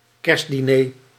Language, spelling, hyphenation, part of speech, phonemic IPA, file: Dutch, kerstdiner, kerst‧di‧ner, noun, /ˈkɛrst.diˌneː/, Nl-kerstdiner.ogg
- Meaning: Christmas dinner